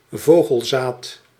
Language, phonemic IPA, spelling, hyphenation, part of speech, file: Dutch, /ˈvoː.ɣəlˌzaːt/, vogelzaad, vo‧gel‧zaad, noun, Nl-vogelzaad.ogg
- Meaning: birdseed